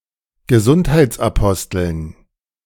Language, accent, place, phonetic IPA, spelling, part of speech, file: German, Germany, Berlin, [ɡəˈzʊnthaɪ̯t͡sʔaˌpɔstl̩n], Gesundheitsaposteln, noun, De-Gesundheitsaposteln.ogg
- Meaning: dative plural of Gesundheitsapostel